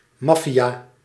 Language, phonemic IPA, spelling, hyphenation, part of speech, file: Dutch, /ˈmɑ.fi.aː/, maffia, maf‧fia, noun, Nl-maffia.ogg
- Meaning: mafia